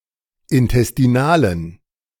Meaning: inflection of intestinal: 1. strong genitive masculine/neuter singular 2. weak/mixed genitive/dative all-gender singular 3. strong/weak/mixed accusative masculine singular 4. strong dative plural
- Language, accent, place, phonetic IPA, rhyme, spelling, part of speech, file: German, Germany, Berlin, [ɪntɛstiˈnaːlən], -aːlən, intestinalen, adjective, De-intestinalen.ogg